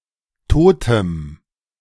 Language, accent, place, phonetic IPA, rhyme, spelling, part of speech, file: German, Germany, Berlin, [ˈtoːtəm], -oːtəm, totem, adjective, De-totem.ogg
- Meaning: strong dative masculine/neuter singular of tot